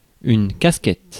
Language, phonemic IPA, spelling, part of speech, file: French, /kas.kɛt/, casquette, noun, Fr-casquette.ogg
- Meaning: cap, baseball cap, flat cap